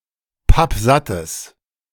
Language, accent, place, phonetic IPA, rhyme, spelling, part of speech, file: German, Germany, Berlin, [ˈpapˈzatəs], -atəs, pappsattes, adjective, De-pappsattes.ogg
- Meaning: strong/mixed nominative/accusative neuter singular of pappsatt